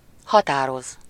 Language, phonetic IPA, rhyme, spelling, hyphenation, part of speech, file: Hungarian, [ˈhɒtaːroz], -oz, határoz, ha‧tá‧roz, verb, Hu-határoz.ogg
- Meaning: 1. to decide, to resolve, to rule (with -ról/-ről, -ban/-ben, or felől) 2. to decide, to resolve 3. to identify, to specify, to determine (to establish the name of) a living organism